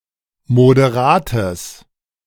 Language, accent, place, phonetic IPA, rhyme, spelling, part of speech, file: German, Germany, Berlin, [modeˈʁaːtəs], -aːtəs, moderates, adjective, De-moderates.ogg
- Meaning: strong/mixed nominative/accusative neuter singular of moderat